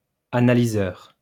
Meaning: analyser / analyzer
- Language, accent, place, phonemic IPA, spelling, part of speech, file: French, France, Lyon, /a.na.li.zœʁ/, analyseur, noun, LL-Q150 (fra)-analyseur.wav